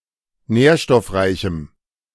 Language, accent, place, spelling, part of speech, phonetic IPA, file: German, Germany, Berlin, nährstoffreichem, adjective, [ˈnɛːɐ̯ʃtɔfˌʁaɪ̯çm̩], De-nährstoffreichem.ogg
- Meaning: strong dative masculine/neuter singular of nährstoffreich